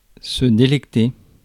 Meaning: 1. to delight 2. to take great delight in, to revel in, to relish (to take great pleasure in something) [with de ‘something’]
- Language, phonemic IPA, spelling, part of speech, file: French, /de.lɛk.te/, délecter, verb, Fr-délecter.ogg